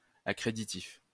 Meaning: letter of credit
- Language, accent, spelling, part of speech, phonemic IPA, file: French, France, accréditif, noun, /a.kʁe.di.tif/, LL-Q150 (fra)-accréditif.wav